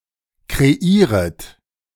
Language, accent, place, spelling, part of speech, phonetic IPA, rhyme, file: German, Germany, Berlin, kreieret, verb, [kʁeˈiːʁət], -iːʁət, De-kreieret.ogg
- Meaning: second-person plural subjunctive I of kreieren